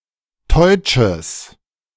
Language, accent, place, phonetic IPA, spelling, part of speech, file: German, Germany, Berlin, [tɔɪ̯t͡ʃəs], teutsches, adjective, De-teutsches.ogg
- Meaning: strong/mixed nominative/accusative neuter singular of teutsch